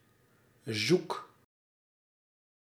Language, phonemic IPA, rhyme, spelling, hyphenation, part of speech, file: Dutch, /zuk/, -uk, zoek, zoek, adjective / verb, Nl-zoek.ogg
- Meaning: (adjective) lost, missing, gone; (verb) inflection of zoeken: 1. first-person singular present indicative 2. second-person singular present indicative 3. imperative